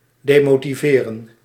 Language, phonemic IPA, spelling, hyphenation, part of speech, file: Dutch, /deːmoːtiˈveːrə(n)/, demotiveren, de‧mo‧ti‧ve‧ren, verb, Nl-demotiveren.ogg
- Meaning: to demotivate, to discourage